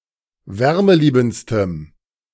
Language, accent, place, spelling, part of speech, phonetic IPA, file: German, Germany, Berlin, wärmeliebendstem, adjective, [ˈvɛʁməˌliːbn̩t͡stəm], De-wärmeliebendstem.ogg
- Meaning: strong dative masculine/neuter singular superlative degree of wärmeliebend